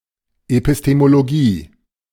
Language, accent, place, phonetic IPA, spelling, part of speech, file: German, Germany, Berlin, [epɪsˌteːmoloˈɡiː], Epistemologie, noun, De-Epistemologie.ogg
- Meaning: epistemology